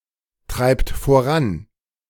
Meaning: inflection of vorantreiben: 1. third-person singular present 2. second-person plural present 3. plural imperative
- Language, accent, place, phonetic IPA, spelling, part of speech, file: German, Germany, Berlin, [ˌtʁaɪ̯pt foˈʁan], treibt voran, verb, De-treibt voran.ogg